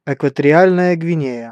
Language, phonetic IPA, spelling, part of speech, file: Russian, [ɪkvətərʲɪˈalʲnəjə ɡvʲɪˈnʲejə], Экваториальная Гвинея, proper noun, Ru-Экваториальная Гвинея.ogg
- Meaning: Equatorial Guinea (a country in Central Africa)